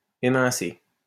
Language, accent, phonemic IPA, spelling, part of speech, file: French, France, /e.mɛ̃.se/, émincer, verb, LL-Q150 (fra)-émincer.wav
- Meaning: to cut (meat etc) into thin slices